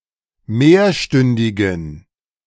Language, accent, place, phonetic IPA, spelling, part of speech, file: German, Germany, Berlin, [ˈmeːɐ̯ˌʃtʏndɪɡn̩], mehrstündigen, adjective, De-mehrstündigen.ogg
- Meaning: inflection of mehrstündig: 1. strong genitive masculine/neuter singular 2. weak/mixed genitive/dative all-gender singular 3. strong/weak/mixed accusative masculine singular 4. strong dative plural